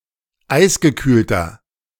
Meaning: inflection of eisgekühlt: 1. strong/mixed nominative masculine singular 2. strong genitive/dative feminine singular 3. strong genitive plural
- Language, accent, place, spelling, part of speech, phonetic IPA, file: German, Germany, Berlin, eisgekühlter, adjective, [ˈaɪ̯sɡəˌkyːltɐ], De-eisgekühlter.ogg